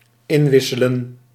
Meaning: to exchange (something) (to turn something in, in exchange for something else)
- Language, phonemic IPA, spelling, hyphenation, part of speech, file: Dutch, /ˈɪnˌʋɪ.sə.lə(n)/, inwisselen, in‧wis‧se‧len, verb, Nl-inwisselen.ogg